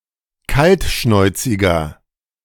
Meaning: 1. comparative degree of kaltschnäuzig 2. inflection of kaltschnäuzig: strong/mixed nominative masculine singular 3. inflection of kaltschnäuzig: strong genitive/dative feminine singular
- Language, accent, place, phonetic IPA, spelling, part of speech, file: German, Germany, Berlin, [ˈkaltˌʃnɔɪ̯t͡sɪɡɐ], kaltschnäuziger, adjective, De-kaltschnäuziger.ogg